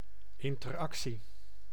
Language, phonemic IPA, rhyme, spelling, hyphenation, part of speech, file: Dutch, /ˌɪn.tərˈɑk.si/, -ɑksi, interactie, in‧ter‧ac‧tie, noun, Nl-interactie.ogg
- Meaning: interaction